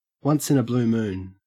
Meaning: Very rarely; very infrequently
- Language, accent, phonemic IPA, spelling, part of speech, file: English, Australia, /wʌns ɪn ə bluː muːn/, once in a blue moon, adverb, En-au-once in a blue moon.ogg